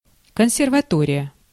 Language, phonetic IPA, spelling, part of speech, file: Russian, [kən⁽ʲ⁾sʲɪrvɐˈtorʲɪjə], консерватория, noun, Ru-консерватория.ogg
- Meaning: conservatory, conservatoire (music academy)